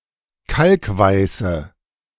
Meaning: inflection of kalkweiß: 1. strong/mixed nominative/accusative feminine singular 2. strong nominative/accusative plural 3. weak nominative all-gender singular
- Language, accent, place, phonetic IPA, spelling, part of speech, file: German, Germany, Berlin, [ˈkalkˌvaɪ̯sə], kalkweiße, adjective, De-kalkweiße.ogg